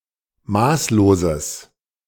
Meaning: strong/mixed nominative/accusative neuter singular of maßlos
- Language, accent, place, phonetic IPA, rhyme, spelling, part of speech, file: German, Germany, Berlin, [ˈmaːsloːzəs], -aːsloːzəs, maßloses, adjective, De-maßloses.ogg